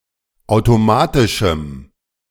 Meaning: strong dative masculine/neuter singular of automatisch
- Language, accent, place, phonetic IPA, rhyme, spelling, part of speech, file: German, Germany, Berlin, [ˌaʊ̯toˈmaːtɪʃm̩], -aːtɪʃm̩, automatischem, adjective, De-automatischem.ogg